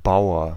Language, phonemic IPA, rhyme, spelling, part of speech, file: German, /ˈbaʊ̯ɐ/, -aʊ̯ɐ, Bauer, noun / proper noun, De-Bauer.ogg
- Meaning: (noun) 1. farmer (male or of unspecified gender) 2. peasant (male or of unspecified gender) 3. boor, yokel, bumpkin (male or of unspecified gender) 4. pawn 5. jack, knave